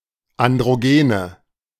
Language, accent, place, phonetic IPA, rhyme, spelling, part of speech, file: German, Germany, Berlin, [andʁoˈɡeːnə], -eːnə, Androgene, noun, De-Androgene.ogg
- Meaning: nominative/accusative/genitive plural of Androgen